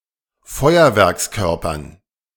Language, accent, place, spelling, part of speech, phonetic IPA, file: German, Germany, Berlin, Feuerwerkskörpern, noun, [ˈfɔɪ̯ɐvɛʁksˌkœʁpɐn], De-Feuerwerkskörpern.ogg
- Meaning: dative plural of Feuerwerkskörper